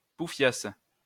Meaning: slag, floozy, whore
- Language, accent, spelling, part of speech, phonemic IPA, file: French, France, pouffiasse, noun, /pu.fjas/, LL-Q150 (fra)-pouffiasse.wav